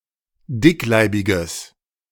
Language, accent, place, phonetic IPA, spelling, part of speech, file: German, Germany, Berlin, [ˈdɪkˌlaɪ̯bɪɡəs], dickleibiges, adjective, De-dickleibiges.ogg
- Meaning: strong/mixed nominative/accusative neuter singular of dickleibig